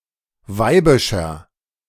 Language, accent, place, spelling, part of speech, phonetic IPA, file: German, Germany, Berlin, weibischer, adjective, [ˈvaɪ̯bɪʃɐ], De-weibischer.ogg
- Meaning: 1. comparative degree of weibisch 2. inflection of weibisch: strong/mixed nominative masculine singular 3. inflection of weibisch: strong genitive/dative feminine singular